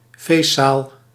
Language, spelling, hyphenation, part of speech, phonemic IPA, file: Dutch, feestzaal, feest‧zaal, noun, /ˈfeːst.saːl/, Nl-feestzaal.ogg
- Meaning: a ballroom, a party room